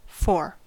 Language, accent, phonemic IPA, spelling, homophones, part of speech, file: English, US, /foɹ/, fore, four, adjective / interjection / noun / adverb, En-us-fore.ogg
- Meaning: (adjective) 1. Former; occurring earlier (in some order); previous 2. Forward; situated towards the front (of something)